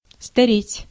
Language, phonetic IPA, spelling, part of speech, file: Russian, [stɐˈrʲetʲ], стареть, verb, Ru-стареть.ogg
- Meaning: 1. to grow old, to age, to advance in age 2. to become out of date